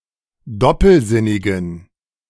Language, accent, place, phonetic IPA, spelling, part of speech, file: German, Germany, Berlin, [ˈdɔpl̩ˌzɪnɪɡn̩], doppelsinnigen, adjective, De-doppelsinnigen.ogg
- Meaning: inflection of doppelsinnig: 1. strong genitive masculine/neuter singular 2. weak/mixed genitive/dative all-gender singular 3. strong/weak/mixed accusative masculine singular 4. strong dative plural